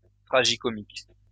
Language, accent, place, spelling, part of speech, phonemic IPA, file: French, France, Lyon, tragicomique, adjective, /tʁa.ʒi.kɔ.mik/, LL-Q150 (fra)-tragicomique.wav
- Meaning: tragicomic (related to tragicomedy)